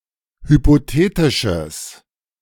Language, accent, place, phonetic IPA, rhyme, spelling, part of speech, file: German, Germany, Berlin, [hypoˈteːtɪʃəs], -eːtɪʃəs, hypothetisches, adjective, De-hypothetisches.ogg
- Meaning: strong/mixed nominative/accusative neuter singular of hypothetisch